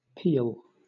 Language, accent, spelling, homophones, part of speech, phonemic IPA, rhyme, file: English, Southern England, peal, peel, noun / verb, /piːl/, -iːl, LL-Q1860 (eng)-peal.wav
- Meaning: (noun) 1. A loud sound, or a succession of loud sounds, as of bells, thunder, cannon, shouts, laughter, of a multitude, etc 2. A set of bells tuned to each other according to the diatonic scale